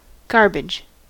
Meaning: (noun) 1. Food waste material of any kind 2. Foul, rotten or unripe vegetable matter 3. Useless or disposable material; waste material of any kind
- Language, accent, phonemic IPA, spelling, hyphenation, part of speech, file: English, US, /ˈɡɑɹ.bɪd͡ʒ/, garbage, gar‧bage, noun / verb / adjective, En-us-garbage.ogg